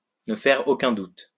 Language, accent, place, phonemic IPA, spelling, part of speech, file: French, France, Lyon, /nə fɛʁ o.kœ̃ dut/, ne faire aucun doute, verb, LL-Q150 (fra)-ne faire aucun doute.wav
- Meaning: to be a certainty, to be clear